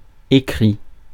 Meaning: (verb) 1. past participle of écrire 2. third-person singular present indicative of écrire; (adjective) written; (noun) writing
- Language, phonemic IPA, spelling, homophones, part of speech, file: French, /e.kʁi/, écrit, écris / écrits, verb / adjective / noun, Fr-écrit.ogg